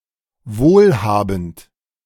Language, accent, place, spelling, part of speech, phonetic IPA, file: German, Germany, Berlin, wohlhabend, adjective, [ˈvoːlˌhaːbn̩t], De-wohlhabend.ogg
- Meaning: well off, well-to-do, wealthy, rich